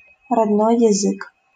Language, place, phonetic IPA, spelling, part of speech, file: Russian, Saint Petersburg, [rɐdˈnoj (j)ɪˈzɨk], родной язык, noun, LL-Q7737 (rus)-родной язык.wav
- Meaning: mother tongue, native language